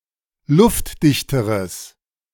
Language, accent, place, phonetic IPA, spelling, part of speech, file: German, Germany, Berlin, [ˈlʊftˌdɪçtəʁəs], luftdichteres, adjective, De-luftdichteres.ogg
- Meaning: strong/mixed nominative/accusative neuter singular comparative degree of luftdicht